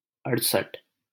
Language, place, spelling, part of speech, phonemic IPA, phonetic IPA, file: Hindi, Delhi, अड़सठ, numeral, /əɽ.səʈʰ/, [ɐɽ.sɐʈʰ], LL-Q1568 (hin)-अड़सठ.wav
- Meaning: sixty-eight